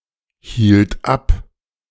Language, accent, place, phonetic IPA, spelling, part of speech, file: German, Germany, Berlin, [ˌhiːlt ˈap], hielt ab, verb, De-hielt ab.ogg
- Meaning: first/third-person singular preterite of abhalten